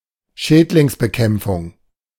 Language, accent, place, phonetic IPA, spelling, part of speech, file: German, Germany, Berlin, [ˈʃɛːtlɪŋsbəˌkɛmp͡fʊŋ], Schädlingsbekämpfung, noun, De-Schädlingsbekämpfung.ogg
- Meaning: pest control